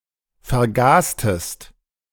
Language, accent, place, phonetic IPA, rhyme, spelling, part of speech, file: German, Germany, Berlin, [fɛɐ̯ˈɡaːstəst], -aːstəst, vergastest, verb, De-vergastest.ogg
- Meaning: inflection of vergasen: 1. second-person singular preterite 2. second-person singular subjunctive II